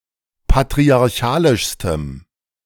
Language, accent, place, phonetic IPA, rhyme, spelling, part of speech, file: German, Germany, Berlin, [patʁiaʁˈçaːlɪʃstəm], -aːlɪʃstəm, patriarchalischstem, adjective, De-patriarchalischstem.ogg
- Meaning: strong dative masculine/neuter singular superlative degree of patriarchalisch